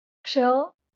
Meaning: In Marathi an irregular ligature of क (ka) and ष (ṣa)
- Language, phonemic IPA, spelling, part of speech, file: Marathi, /kʂə/, क्ष, character, LL-Q1571 (mar)-क्ष.wav